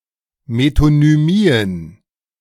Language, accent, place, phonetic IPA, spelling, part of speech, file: German, Germany, Berlin, [metonyˈmiːən], Metonymien, noun, De-Metonymien.ogg
- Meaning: plural of Metonymie